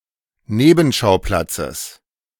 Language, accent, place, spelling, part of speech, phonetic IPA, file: German, Germany, Berlin, Nebenschauplatzes, noun, [ˈneːbm̩ˌʃaʊ̯plat͡səs], De-Nebenschauplatzes.ogg
- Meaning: genitive singular of Nebenschauplatz